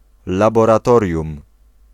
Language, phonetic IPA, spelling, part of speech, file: Polish, [ˌlabɔraˈtɔrʲjũm], laboratorium, noun, Pl-laboratorium.ogg